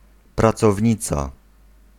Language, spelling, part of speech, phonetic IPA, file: Polish, pracownica, noun, [ˌprat͡sɔvʲˈɲit͡sa], Pl-pracownica.ogg